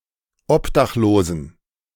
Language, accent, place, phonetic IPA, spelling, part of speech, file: German, Germany, Berlin, [ˈɔpdaxˌloːzn̩], obdachlosen, adjective, De-obdachlosen.ogg
- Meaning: inflection of obdachlos: 1. strong genitive masculine/neuter singular 2. weak/mixed genitive/dative all-gender singular 3. strong/weak/mixed accusative masculine singular 4. strong dative plural